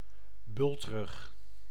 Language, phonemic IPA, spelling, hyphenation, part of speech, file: Dutch, /ˈbʏlt.rʏx/, bultrug, bult‧rug, noun, Nl-bultrug.ogg
- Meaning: 1. a humpback whale (Megaptera novaeangliae) 2. a humpback or arched back